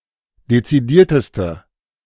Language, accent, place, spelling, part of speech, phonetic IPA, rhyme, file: German, Germany, Berlin, dezidierteste, adjective, [det͡siˈdiːɐ̯təstə], -iːɐ̯təstə, De-dezidierteste.ogg
- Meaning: inflection of dezidiert: 1. strong/mixed nominative/accusative feminine singular superlative degree 2. strong nominative/accusative plural superlative degree